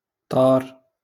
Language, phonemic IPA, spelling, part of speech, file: Moroccan Arabic, /tˤaːr/, طار, verb, LL-Q56426 (ary)-طار.wav
- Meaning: 1. to fly 2. to fly: to fly (someone) 3. to move rapidly